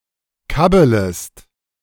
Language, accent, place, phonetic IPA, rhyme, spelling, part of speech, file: German, Germany, Berlin, [ˈkabələst], -abələst, kabbelest, verb, De-kabbelest.ogg
- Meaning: second-person singular subjunctive I of kabbeln